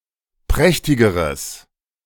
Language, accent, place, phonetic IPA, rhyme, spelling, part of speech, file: German, Germany, Berlin, [ˈpʁɛçtɪɡəʁəs], -ɛçtɪɡəʁəs, prächtigeres, adjective, De-prächtigeres.ogg
- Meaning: strong/mixed nominative/accusative neuter singular comparative degree of prächtig